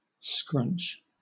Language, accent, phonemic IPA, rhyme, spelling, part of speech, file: English, Southern England, /skɹʌnt͡ʃ/, -ʌntʃ, scrunch, verb / noun, LL-Q1860 (eng)-scrunch.wav
- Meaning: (verb) To crumple and squeeze to make more compact